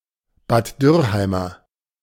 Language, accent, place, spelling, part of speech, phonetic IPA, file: German, Germany, Berlin, Bad Dürrheimer, adjective, [baːt ˈdʏʁˌhaɪ̯mɐ], De-Bad Dürrheimer.ogg
- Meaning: of Bad Dürrheim